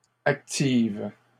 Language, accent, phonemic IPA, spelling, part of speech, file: French, Canada, /ak.tiv/, actives, adjective / verb, LL-Q150 (fra)-actives.wav
- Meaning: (adjective) feminine plural of actif; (verb) second-person singular present indicative/subjunctive of activer